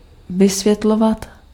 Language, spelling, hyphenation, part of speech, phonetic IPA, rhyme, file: Czech, vysvětlovat, vy‧svět‧lo‧vat, verb, [ˈvɪsvjɛtlovat], -ovat, Cs-vysvětlovat.ogg
- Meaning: to explain